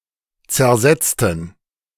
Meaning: inflection of zersetzt: 1. strong genitive masculine/neuter singular 2. weak/mixed genitive/dative all-gender singular 3. strong/weak/mixed accusative masculine singular 4. strong dative plural
- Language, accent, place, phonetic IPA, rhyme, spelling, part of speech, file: German, Germany, Berlin, [t͡sɛɐ̯ˈzɛt͡stn̩], -ɛt͡stn̩, zersetzten, adjective / verb, De-zersetzten.ogg